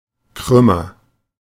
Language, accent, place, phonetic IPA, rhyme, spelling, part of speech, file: German, Germany, Berlin, [ˈkʁʏmɐ], -ʏmɐ, krümmer, adjective, De-krümmer.ogg
- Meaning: comparative degree of krumm